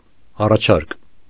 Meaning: 1. offer, suggestion, proposal 2. supply
- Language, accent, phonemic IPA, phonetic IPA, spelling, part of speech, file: Armenian, Eastern Armenian, /ɑrɑˈt͡ʃʰɑɾk/, [ɑrɑt͡ʃʰɑ́ɾk], առաջարկ, noun, Hy-առաջարկ.ogg